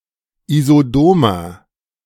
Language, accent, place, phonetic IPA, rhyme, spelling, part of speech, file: German, Germany, Berlin, [izoˈdoːmɐ], -oːmɐ, isodomer, adjective, De-isodomer.ogg
- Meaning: inflection of isodom: 1. strong/mixed nominative masculine singular 2. strong genitive/dative feminine singular 3. strong genitive plural